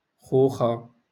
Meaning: singulative of خوخ (ḵūḵ)
- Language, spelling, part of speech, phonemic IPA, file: Moroccan Arabic, خوخة, noun, /xuː.xa/, LL-Q56426 (ary)-خوخة.wav